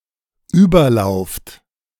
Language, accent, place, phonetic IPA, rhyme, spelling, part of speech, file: German, Germany, Berlin, [ˈyːbɐˌlaʊ̯ft], -yːbɐlaʊ̯ft, überlauft, verb, De-überlauft.ogg
- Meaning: second-person plural dependent present of überlaufen